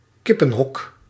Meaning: chicken coop
- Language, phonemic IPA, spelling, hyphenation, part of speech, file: Dutch, /ˈkɪ.pə(n)ˌɦɔk/, kippenhok, kip‧pen‧hok, noun, Nl-kippenhok.ogg